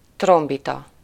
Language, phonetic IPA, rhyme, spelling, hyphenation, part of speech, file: Hungarian, [ˈtrombitɒ], -tɒ, trombita, trom‧bi‧ta, noun, Hu-trombita.ogg
- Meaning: trumpet